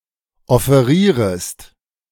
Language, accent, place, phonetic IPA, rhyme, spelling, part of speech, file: German, Germany, Berlin, [ɔfeˈʁiːʁəst], -iːʁəst, offerierest, verb, De-offerierest.ogg
- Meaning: second-person singular subjunctive I of offerieren